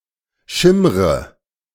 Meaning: inflection of schimmern: 1. first-person singular present 2. first/third-person singular subjunctive I 3. singular imperative
- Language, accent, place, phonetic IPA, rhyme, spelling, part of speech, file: German, Germany, Berlin, [ˈʃɪmʁə], -ɪmʁə, schimmre, verb, De-schimmre.ogg